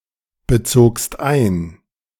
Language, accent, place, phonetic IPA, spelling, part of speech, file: German, Germany, Berlin, [bəˌt͡soːkst ˈaɪ̯n], bezogst ein, verb, De-bezogst ein.ogg
- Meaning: second-person singular preterite of einbeziehen